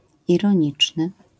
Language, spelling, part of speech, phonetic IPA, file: Polish, ironiczny, adjective, [ˌirɔ̃ˈɲit͡ʃnɨ], LL-Q809 (pol)-ironiczny.wav